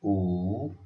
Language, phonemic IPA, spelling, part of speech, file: Odia, /u/, ଉ, character, Or-ଉ.oga
- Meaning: The fifth character in the Odia abugida